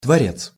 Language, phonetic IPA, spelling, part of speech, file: Russian, [tvɐˈrʲet͡s], творец, noun, Ru-творец.ogg
- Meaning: 1. creator, maker 2. author